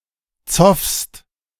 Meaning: second-person singular present of zoffen
- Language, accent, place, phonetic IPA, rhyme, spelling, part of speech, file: German, Germany, Berlin, [t͡sɔfst], -ɔfst, zoffst, verb, De-zoffst.ogg